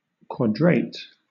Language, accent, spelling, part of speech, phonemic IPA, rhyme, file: English, Southern England, quadrate, verb, /kwɒdˈɹeɪt/, -eɪt, LL-Q1860 (eng)-quadrate.wav
- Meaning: 1. To adjust (a gun) on its carriage 2. To train (a gun) for horizontal firing 3. To square 4. To square; to agree; to suit; to correspond (with)